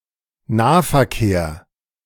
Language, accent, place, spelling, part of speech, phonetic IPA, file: German, Germany, Berlin, Nahverkehr, noun, [ˈnaːfɛɐ̯ˌkeːɐ̯], De-Nahverkehr.ogg
- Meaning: local / short-distance transport / travel